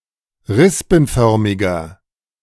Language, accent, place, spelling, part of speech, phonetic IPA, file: German, Germany, Berlin, rispenförmiger, adjective, [ˈʁɪspn̩ˌfœʁmɪɡɐ], De-rispenförmiger.ogg
- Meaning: inflection of rispenförmig: 1. strong/mixed nominative masculine singular 2. strong genitive/dative feminine singular 3. strong genitive plural